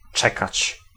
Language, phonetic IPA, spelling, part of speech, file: Polish, [ˈt͡ʃɛkat͡ɕ], czekać, verb, Pl-czekać.ogg